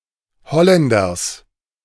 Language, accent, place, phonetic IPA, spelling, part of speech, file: German, Germany, Berlin, [ˈhɔlɛndɐs], Holländers, noun, De-Holländers.ogg
- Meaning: genitive singular of Holländer